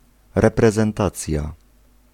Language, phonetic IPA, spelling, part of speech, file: Polish, [ˌrɛprɛzɛ̃nˈtat͡sʲja], reprezentacja, noun, Pl-reprezentacja.ogg